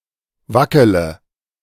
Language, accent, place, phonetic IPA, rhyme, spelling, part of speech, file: German, Germany, Berlin, [ˈvakələ], -akələ, wackele, verb, De-wackele.ogg
- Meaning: inflection of wackeln: 1. first-person singular present 2. singular imperative 3. first/third-person singular subjunctive I